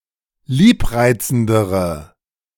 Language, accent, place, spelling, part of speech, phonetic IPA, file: German, Germany, Berlin, liebreizendere, adjective, [ˈliːpˌʁaɪ̯t͡sn̩dəʁə], De-liebreizendere.ogg
- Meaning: inflection of liebreizend: 1. strong/mixed nominative/accusative feminine singular comparative degree 2. strong nominative/accusative plural comparative degree